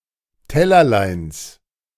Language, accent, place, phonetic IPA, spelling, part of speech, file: German, Germany, Berlin, [ˈtɛlɐlaɪ̯ns], Tellerleins, noun, De-Tellerleins.ogg
- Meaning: genitive of Tellerlein